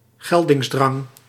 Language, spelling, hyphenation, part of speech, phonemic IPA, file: Dutch, geldingsdrang, gel‧dings‧drang, noun, /ˈɣɛl.dɪŋsˌdrɑŋ/, Nl-geldingsdrang.ogg
- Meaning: compulsive need to impose one's will and gain respect, ambition, self-assertion